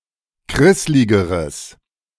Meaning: strong/mixed nominative/accusative neuter singular comparative degree of krisslig
- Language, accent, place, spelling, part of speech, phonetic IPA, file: German, Germany, Berlin, krissligeres, adjective, [ˈkʁɪslɪɡəʁəs], De-krissligeres.ogg